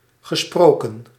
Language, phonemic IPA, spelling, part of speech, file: Dutch, /ɣə.ˈsprɔ.kə(n)/, gesproken, verb, Nl-gesproken.ogg
- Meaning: past participle of spreken